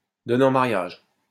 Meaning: to bestow, to give in marriage, to marry off
- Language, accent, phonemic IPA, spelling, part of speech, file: French, France, /dɔ.ne ɑ̃ ma.ʁjaʒ/, donner en mariage, verb, LL-Q150 (fra)-donner en mariage.wav